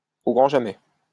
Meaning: never ever
- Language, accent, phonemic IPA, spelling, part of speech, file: French, France, /o ɡʁɑ̃ ʒa.mɛ/, au grand jamais, adverb, LL-Q150 (fra)-au grand jamais.wav